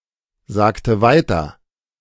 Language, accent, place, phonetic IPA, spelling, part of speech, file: German, Germany, Berlin, [ˌzaːktə ˈvaɪ̯tɐ], sagte weiter, verb, De-sagte weiter.ogg
- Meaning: inflection of weitersagen: 1. first/third-person singular preterite 2. first/third-person singular subjunctive II